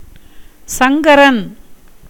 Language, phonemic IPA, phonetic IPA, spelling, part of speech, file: Tamil, /tʃɐŋɡɐɾɐn/, [sɐŋɡɐɾɐn], சங்கரன், proper noun, Ta-சங்கரன்.ogg
- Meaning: 1. a name of Shiva 2. a male given name from Sanskrit